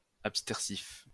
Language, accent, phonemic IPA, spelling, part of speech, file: French, France, /ap.stɛʁ.sif/, abstersif, adjective / noun, LL-Q150 (fra)-abstersif.wav
- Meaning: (adjective) abstergent; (noun) abstergent (a substance used in cleansing)